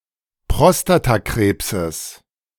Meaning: genitive singular of Prostatakrebs
- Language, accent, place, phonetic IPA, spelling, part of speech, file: German, Germany, Berlin, [ˈpʁɔstataˌkʁeːpsəs], Prostatakrebses, noun, De-Prostatakrebses.ogg